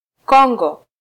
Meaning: Democratic Republic of the Congo (a country in Central Africa, larger and to the east of the Republic of the Congo)
- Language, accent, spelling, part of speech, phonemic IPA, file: Swahili, Kenya, Kongo, proper noun, /ˈkɔ.ᵑɡɔ/, Sw-ke-Kongo.flac